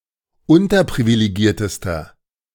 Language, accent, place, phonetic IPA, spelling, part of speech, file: German, Germany, Berlin, [ˈʊntɐpʁivileˌɡiːɐ̯təstɐ], unterprivilegiertester, adjective, De-unterprivilegiertester.ogg
- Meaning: inflection of unterprivilegiert: 1. strong/mixed nominative masculine singular superlative degree 2. strong genitive/dative feminine singular superlative degree